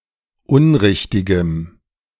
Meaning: strong dative masculine/neuter singular of unrichtig
- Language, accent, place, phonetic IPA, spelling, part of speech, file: German, Germany, Berlin, [ˈʊnˌʁɪçtɪɡəm], unrichtigem, adjective, De-unrichtigem.ogg